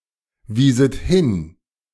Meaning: second-person plural subjunctive II of hinweisen
- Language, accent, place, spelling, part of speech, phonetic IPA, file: German, Germany, Berlin, wieset hin, verb, [ˌviːzət ˈhɪn], De-wieset hin.ogg